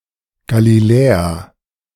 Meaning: Galilee (a mountainous geographic region in northern Israel)
- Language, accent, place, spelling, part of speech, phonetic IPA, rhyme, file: German, Germany, Berlin, Galiläa, proper noun / noun, [ɡaliˈlɛːa], -ɛːa, De-Galiläa.ogg